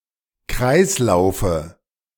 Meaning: dative singular of Kreislauf
- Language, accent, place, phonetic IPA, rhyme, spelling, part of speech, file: German, Germany, Berlin, [ˈkʁaɪ̯sˌlaʊ̯fə], -aɪ̯slaʊ̯fə, Kreislaufe, noun, De-Kreislaufe.ogg